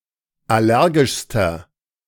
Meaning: inflection of allergisch: 1. strong/mixed nominative masculine singular superlative degree 2. strong genitive/dative feminine singular superlative degree 3. strong genitive plural superlative degree
- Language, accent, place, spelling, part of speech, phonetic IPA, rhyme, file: German, Germany, Berlin, allergischster, adjective, [ˌaˈlɛʁɡɪʃstɐ], -ɛʁɡɪʃstɐ, De-allergischster.ogg